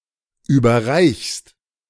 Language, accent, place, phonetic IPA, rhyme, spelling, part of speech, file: German, Germany, Berlin, [ˌyːbɐˈʁaɪ̯çst], -aɪ̯çst, überreichst, verb, De-überreichst.ogg
- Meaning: second-person singular present of überreichen